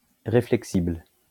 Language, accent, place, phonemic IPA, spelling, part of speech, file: French, France, Lyon, /ʁe.flɛk.sibl/, réflexible, adjective, LL-Q150 (fra)-réflexible.wav
- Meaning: reflexible